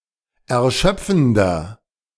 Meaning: 1. comparative degree of erschöpfend 2. inflection of erschöpfend: strong/mixed nominative masculine singular 3. inflection of erschöpfend: strong genitive/dative feminine singular
- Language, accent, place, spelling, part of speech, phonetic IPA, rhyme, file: German, Germany, Berlin, erschöpfender, adjective, [ɛɐ̯ˈʃœp͡fn̩dɐ], -œp͡fn̩dɐ, De-erschöpfender.ogg